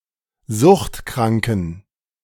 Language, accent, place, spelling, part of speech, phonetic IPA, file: German, Germany, Berlin, suchtkranken, adjective, [ˈzʊxtˌkʁaŋkn̩], De-suchtkranken.ogg
- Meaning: inflection of suchtkrank: 1. strong genitive masculine/neuter singular 2. weak/mixed genitive/dative all-gender singular 3. strong/weak/mixed accusative masculine singular 4. strong dative plural